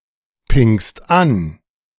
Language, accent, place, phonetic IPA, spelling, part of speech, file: German, Germany, Berlin, [ˌpɪŋst ˈan], pingst an, verb, De-pingst an.ogg
- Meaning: second-person singular present of anpingen